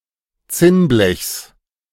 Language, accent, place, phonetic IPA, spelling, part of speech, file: German, Germany, Berlin, [ˈt͡sɪnˌblɛçs], Zinnblechs, noun, De-Zinnblechs.ogg
- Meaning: genitive singular of Zinnblech